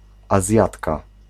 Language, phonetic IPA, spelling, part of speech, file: Polish, [aˈzʲjatka], Azjatka, noun, Pl-Azjatka.ogg